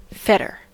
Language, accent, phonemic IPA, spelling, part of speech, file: English, US, /ˈfɛt.ɚ/, fetter, noun / verb, En-us-fetter.ogg
- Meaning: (noun) 1. A chain or similar object used to bind a person or animal, often by its legs 2. Anything that restricts or restrains; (verb) To shackle or bind up with fetters